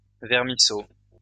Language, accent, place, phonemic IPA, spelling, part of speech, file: French, France, Lyon, /vɛʁ.mi.so/, vermisseau, noun, LL-Q150 (fra)-vermisseau.wav
- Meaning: small earthworm, grub